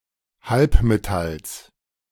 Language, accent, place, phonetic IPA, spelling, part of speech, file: German, Germany, Berlin, [ˈhalpmeˌtals], Halbmetalls, noun, De-Halbmetalls.ogg
- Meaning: genitive singular of Halbmetall